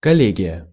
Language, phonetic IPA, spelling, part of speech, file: Russian, [kɐˈlʲeɡʲɪjə], коллегия, noun, Ru-коллегия.ogg
- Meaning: 1. collegium, government department 2. college (group sharing common purposes or goals) 3. board, committee 4. session, sitting (of a board or committee) 5. association (professional body)